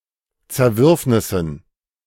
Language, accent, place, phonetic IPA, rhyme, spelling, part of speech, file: German, Germany, Berlin, [t͡sɛɐ̯ˈvʏʁfnɪsn̩], -ʏʁfnɪsn̩, Zerwürfnissen, noun, De-Zerwürfnissen.ogg
- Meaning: dative plural of Zerwürfnis